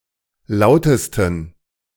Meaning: 1. superlative degree of laut 2. inflection of laut: strong genitive masculine/neuter singular superlative degree
- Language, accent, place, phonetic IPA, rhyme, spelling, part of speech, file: German, Germany, Berlin, [ˈlaʊ̯təstn̩], -aʊ̯təstn̩, lautesten, adjective, De-lautesten.ogg